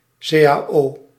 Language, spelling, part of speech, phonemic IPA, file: Dutch, cao, noun, /seː.aːˈoː/, Nl-cao.ogg
- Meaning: initialism of collectieve arbeidsovereenkomst (collective bargaining)